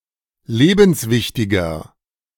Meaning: 1. comparative degree of lebenswichtig 2. inflection of lebenswichtig: strong/mixed nominative masculine singular 3. inflection of lebenswichtig: strong genitive/dative feminine singular
- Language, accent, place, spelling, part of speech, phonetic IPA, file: German, Germany, Berlin, lebenswichtiger, adjective, [ˈleːbn̩sˌvɪçtɪɡɐ], De-lebenswichtiger.ogg